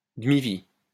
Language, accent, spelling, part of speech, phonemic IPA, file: French, France, demi-vie, noun, /də.mi.vi/, LL-Q150 (fra)-demi-vie.wav
- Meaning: half-life